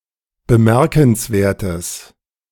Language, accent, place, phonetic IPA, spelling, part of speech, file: German, Germany, Berlin, [bəˈmɛʁkn̩sˌveːɐ̯təs], bemerkenswertes, adjective, De-bemerkenswertes.ogg
- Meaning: strong/mixed nominative/accusative neuter singular of bemerkenswert